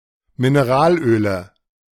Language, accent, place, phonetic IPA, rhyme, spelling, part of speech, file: German, Germany, Berlin, [mɪneˈʁaːlˌʔøːlə], -aːlʔøːlə, Mineralöle, noun, De-Mineralöle.ogg
- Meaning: nominative/accusative/genitive plural of Mineralöl